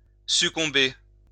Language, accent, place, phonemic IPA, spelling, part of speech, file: French, France, Lyon, /sy.kɔ̃.be/, succomber, verb, LL-Q150 (fra)-succomber.wav
- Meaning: to succumb